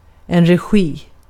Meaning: direction (of a film or a theatre performance)
- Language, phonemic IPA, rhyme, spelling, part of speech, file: Swedish, /rɛˈɧiː/, -iː, regi, noun, Sv-regi.ogg